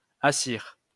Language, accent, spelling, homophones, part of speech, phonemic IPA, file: French, France, assir, assire, verb, /a.siʁ/, LL-Q150 (fra)-assir.wav
- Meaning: 1. alternative form of asseoir (“to (make) sit”) 2. alternative form of s'asseoir (“to sit (oneself down)”)